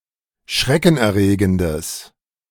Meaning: strong/mixed nominative/accusative neuter singular of schreckenerregend
- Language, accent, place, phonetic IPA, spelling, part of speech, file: German, Germany, Berlin, [ˈʃʁɛkn̩ʔɛɐ̯ˌʁeːɡəndəs], schreckenerregendes, adjective, De-schreckenerregendes.ogg